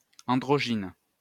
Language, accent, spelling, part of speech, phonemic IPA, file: French, France, androgyne, adjective / noun, /ɑ̃.dʁɔ.ʒin/, LL-Q150 (fra)-androgyne.wav
- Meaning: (adjective) androgynous; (noun) 1. androgyne, androgynous person 2. androgyne, androgynous plant